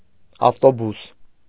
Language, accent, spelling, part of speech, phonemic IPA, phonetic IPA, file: Armenian, Eastern Armenian, ավտոբուս, noun, /ɑftoˈbus/, [ɑftobús], Hy-ավտոբուս.ogg
- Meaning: bus